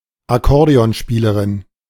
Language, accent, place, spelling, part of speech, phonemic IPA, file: German, Germany, Berlin, Akkordeonspielerin, noun, /aˈkɔʁdeɔnˌʃpiːlɐʁɪn/, De-Akkordeonspielerin.ogg
- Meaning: accordionist